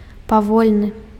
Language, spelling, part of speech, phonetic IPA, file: Belarusian, павольны, adjective, [paˈvolʲnɨ], Be-павольны.ogg
- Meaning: slow